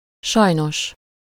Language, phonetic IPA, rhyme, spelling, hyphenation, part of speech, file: Hungarian, [ˈʃɒjnoʃ], -oʃ, sajnos, saj‧nos, adverb, Hu-sajnos.ogg
- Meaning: unfortunately, sadly, alas